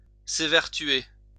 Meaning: to strive
- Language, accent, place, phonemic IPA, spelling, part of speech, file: French, France, Lyon, /e.vɛʁ.tɥe/, évertuer, verb, LL-Q150 (fra)-évertuer.wav